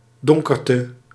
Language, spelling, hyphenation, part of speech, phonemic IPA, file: Dutch, donkerte, don‧ker‧te, noun, /ˈdɔŋ.kər.tə/, Nl-donkerte.ogg
- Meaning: darkness